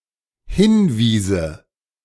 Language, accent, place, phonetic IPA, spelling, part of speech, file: German, Germany, Berlin, [ˈhɪnˌviːzə], hinwiese, verb, De-hinwiese.ogg
- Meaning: first/third-person singular dependent subjunctive II of hinweisen